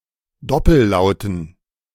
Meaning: dative plural of Doppellaut
- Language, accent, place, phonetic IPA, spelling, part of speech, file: German, Germany, Berlin, [ˈdɔpl̩ˌlaʊ̯tn̩], Doppellauten, noun, De-Doppellauten.ogg